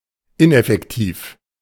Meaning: ineffectual; ineffective
- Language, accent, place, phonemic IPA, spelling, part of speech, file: German, Germany, Berlin, /ˈɪnʔɛfɛktiːf/, ineffektiv, adjective, De-ineffektiv.ogg